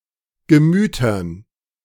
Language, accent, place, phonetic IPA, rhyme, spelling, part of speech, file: German, Germany, Berlin, [ɡəˈmyːtɐn], -yːtɐn, Gemütern, noun, De-Gemütern.ogg
- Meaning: dative plural of Gemüt